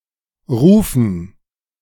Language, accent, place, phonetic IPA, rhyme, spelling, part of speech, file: German, Germany, Berlin, [ˈʁuːfn̩], -uːfn̩, Rufen, noun, De-Rufen.ogg
- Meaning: dative plural of Ruf